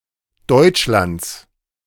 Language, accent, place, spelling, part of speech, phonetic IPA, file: German, Germany, Berlin, Deutschlands, noun, [ˈdɔɪ̯t͡ʃlant͡s], De-Deutschlands.ogg
- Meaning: genitive singular of Deutschland